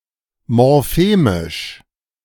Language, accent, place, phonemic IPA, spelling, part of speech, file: German, Germany, Berlin, /mɔʁˈfeːmɪʃ/, morphemisch, adjective, De-morphemisch.ogg
- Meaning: morphemic